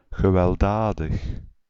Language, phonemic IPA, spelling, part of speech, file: Dutch, /ɣəʋɛlˈdaːdəx/, gewelddadig, adjective / adverb, Nl-gewelddadig.ogg
- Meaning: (adjective) violent; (adverb) violently